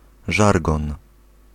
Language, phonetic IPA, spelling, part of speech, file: Polish, [ˈʒarɡɔ̃n], żargon, noun, Pl-żargon.ogg